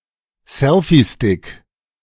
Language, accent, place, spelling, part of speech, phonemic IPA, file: German, Germany, Berlin, Selfiestick, noun, /ˈsɛlfiˌstɪk/, De-Selfiestick.ogg
- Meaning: selfie stick